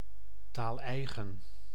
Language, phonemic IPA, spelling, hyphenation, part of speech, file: Dutch, /ˈtaːlˌɛi̯.ɣən/, taaleigen, taal‧ei‧gen, noun, Nl-taaleigen.ogg
- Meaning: idiom (manner of speaking and expressions particular to a given lect)